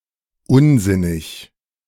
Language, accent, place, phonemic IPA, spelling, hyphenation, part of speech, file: German, Germany, Berlin, /ˈʊnˌzɪnɪç/, unsinnig, un‧sin‧nig, adjective / adverb, De-unsinnig.ogg
- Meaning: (adjective) 1. nonsensical 2. unreasonable; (adverb) 1. nonsensically 2. unreasonably